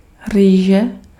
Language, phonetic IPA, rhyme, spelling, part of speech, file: Czech, [ˈriːʒɛ], -iːʒɛ, rýže, noun, Cs-rýže.ogg
- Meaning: rice